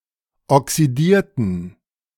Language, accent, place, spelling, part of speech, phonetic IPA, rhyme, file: German, Germany, Berlin, oxidierten, adjective / verb, [ɔksiˈdiːɐ̯tn̩], -iːɐ̯tn̩, De-oxidierten.ogg
- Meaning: inflection of oxidiert: 1. strong genitive masculine/neuter singular 2. weak/mixed genitive/dative all-gender singular 3. strong/weak/mixed accusative masculine singular 4. strong dative plural